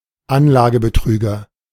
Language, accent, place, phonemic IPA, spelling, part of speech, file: German, Germany, Berlin, /ˈanlaːɡə.bəˌtʁyːɡɐ/, Anlagebetrüger, noun, De-Anlagebetrüger.ogg
- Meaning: investment fraud, investment trickster